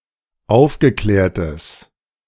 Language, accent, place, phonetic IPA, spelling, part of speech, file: German, Germany, Berlin, [ˈaʊ̯fɡəˌklɛːɐ̯təs], aufgeklärtes, adjective, De-aufgeklärtes.ogg
- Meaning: strong/mixed nominative/accusative neuter singular of aufgeklärt